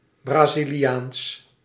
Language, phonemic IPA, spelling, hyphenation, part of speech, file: Dutch, /ˌbraː.zi.liˈaːns/, Braziliaans, Bra‧zi‧li‧aans, adjective, Nl-Braziliaans.ogg
- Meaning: Brazilian